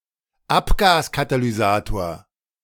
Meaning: catalytic converter (in a vehicle)
- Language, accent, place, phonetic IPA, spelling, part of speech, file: German, Germany, Berlin, [ˈapɡaːskatalyˌzaːtoːɐ̯], Abgaskatalysator, noun, De-Abgaskatalysator.ogg